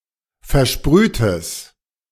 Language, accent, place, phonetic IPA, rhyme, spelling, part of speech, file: German, Germany, Berlin, [fɛɐ̯ˈʃpʁyːtəs], -yːtəs, versprühtes, adjective, De-versprühtes.ogg
- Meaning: strong/mixed nominative/accusative neuter singular of versprüht